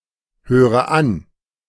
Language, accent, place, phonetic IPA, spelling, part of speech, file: German, Germany, Berlin, [ˌhøːʁə ˈan], höre an, verb, De-höre an.ogg
- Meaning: inflection of anhören: 1. first-person singular present 2. first/third-person singular subjunctive I 3. singular imperative